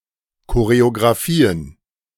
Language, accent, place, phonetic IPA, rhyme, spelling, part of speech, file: German, Germany, Berlin, [koʁeoɡʁaˈfiːən], -iːən, Choreografien, noun, De-Choreografien.ogg
- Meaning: plural of Choreografie